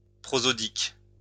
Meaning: prosodic
- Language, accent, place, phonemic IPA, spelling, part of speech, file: French, France, Lyon, /pʁɔ.zɔ.dik/, prosodique, adjective, LL-Q150 (fra)-prosodique.wav